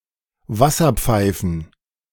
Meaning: plural of Wasserpfeife
- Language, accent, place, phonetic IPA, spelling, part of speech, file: German, Germany, Berlin, [ˈvasɐp͡faɪ̯fn̩], Wasserpfeifen, noun, De-Wasserpfeifen.ogg